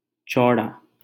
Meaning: 1. wide 2. broad
- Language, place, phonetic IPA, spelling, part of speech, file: Hindi, Delhi, [ˈt͡ʃɔːɽaː], चौड़ा, adjective, LL-Q1568 (hin)-चौड़ा.wav